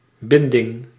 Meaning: 1. binding, tying, act of applying bonds to someone or of fastening something 2. connection, bond, tie (association or commitment to someone or something)
- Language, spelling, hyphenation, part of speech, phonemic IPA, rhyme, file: Dutch, binding, bin‧ding, noun, /ˈbɪn.dɪŋ/, -ɪndɪŋ, Nl-binding.ogg